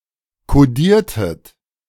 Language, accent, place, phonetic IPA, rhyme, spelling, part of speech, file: German, Germany, Berlin, [koˈdiːɐ̯tət], -iːɐ̯tət, kodiertet, verb, De-kodiertet.ogg
- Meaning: inflection of kodieren: 1. second-person plural preterite 2. second-person plural subjunctive II